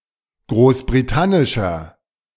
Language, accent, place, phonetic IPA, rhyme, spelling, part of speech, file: German, Germany, Berlin, [ˌɡʁoːsbʁiˈtanɪʃɐ], -anɪʃɐ, großbritannischer, adjective, De-großbritannischer.ogg
- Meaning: inflection of großbritannisch: 1. strong/mixed nominative masculine singular 2. strong genitive/dative feminine singular 3. strong genitive plural